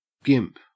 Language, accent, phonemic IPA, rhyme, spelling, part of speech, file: English, Australia, /ɡɪmp/, -ɪmp, gimp, noun / verb, En-au-gimp.ogg